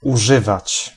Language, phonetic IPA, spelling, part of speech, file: Polish, [uˈʒɨvat͡ɕ], używać, verb, Pl-używać.ogg